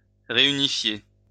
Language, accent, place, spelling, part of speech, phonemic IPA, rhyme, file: French, France, Lyon, réunifier, verb, /ʁe.y.ni.fje/, -e, LL-Q150 (fra)-réunifier.wav
- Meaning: to reunite, reunify